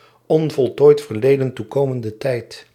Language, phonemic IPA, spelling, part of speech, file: Dutch, /ɔnvɔɫˈtoːit fərˈleːdə(n) tuˈkoːməndə ˈtɛi̯t/, onvoltooid verleden toekomende tijd, noun, Nl-onvoltooid verleden toekomende tijd.ogg
- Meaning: present conditional